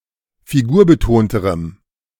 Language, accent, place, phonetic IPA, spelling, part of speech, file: German, Germany, Berlin, [fiˈɡuːɐ̯bəˌtoːntəʁəm], figurbetonterem, adjective, De-figurbetonterem.ogg
- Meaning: strong dative masculine/neuter singular comparative degree of figurbetont